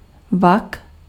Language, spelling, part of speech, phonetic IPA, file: Czech, vak, noun, [ˈvak], Cs-vak.ogg
- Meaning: 1. bag 2. pouch (cheek pocket in which some animals carry food) 3. pouch (pocket in which a marsupial carries its young)